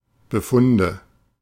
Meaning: nominative/accusative/genitive plural of Befund
- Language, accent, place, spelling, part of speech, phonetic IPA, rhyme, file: German, Germany, Berlin, Befunde, noun, [bəˈfʊndə], -ʊndə, De-Befunde.ogg